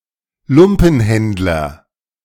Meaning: ragman, rag dealer
- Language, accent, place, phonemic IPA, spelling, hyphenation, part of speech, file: German, Germany, Berlin, /ˈlʊmpənˌhɛntlɐ/, Lumpenhändler, Lum‧pen‧händ‧ler, noun, De-Lumpenhändler.ogg